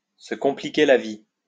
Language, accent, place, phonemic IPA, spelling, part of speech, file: French, France, Lyon, /sə kɔ̃.pli.ke la vi/, se compliquer la vie, verb, LL-Q150 (fra)-se compliquer la vie.wav
- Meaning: to make life difficult for oneself, to make things difficult for oneself, to overcomplicate things